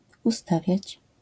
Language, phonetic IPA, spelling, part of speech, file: Polish, [uˈstavʲjät͡ɕ], ustawiać, verb, LL-Q809 (pol)-ustawiać.wav